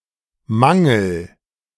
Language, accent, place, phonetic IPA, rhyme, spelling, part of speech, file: German, Germany, Berlin, [ˈmaŋl̩], -aŋl̩, mangel, verb, De-mangel.ogg
- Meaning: inflection of mangeln: 1. first-person singular present 2. singular imperative